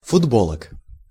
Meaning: genitive plural of футбо́лка (futbólka)
- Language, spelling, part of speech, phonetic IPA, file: Russian, футболок, noun, [fʊdˈboɫək], Ru-футболок.ogg